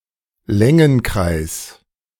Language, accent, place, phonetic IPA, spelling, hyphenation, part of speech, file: German, Germany, Berlin, [ˈlɛŋənˌkʀaɪ̯s], Längenkreis, Län‧gen‧kreis, noun, De-Längenkreis.ogg
- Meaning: circle of longitude